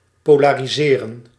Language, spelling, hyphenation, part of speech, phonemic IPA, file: Dutch, polariseren, po‧la‧ri‧se‧ren, verb, /ˌpoː.laː.riˈzeː.rə(n)/, Nl-polariseren.ogg
- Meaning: 1. to polarize 2. (said of a situation etc.) to polarize; to cause to have two extremes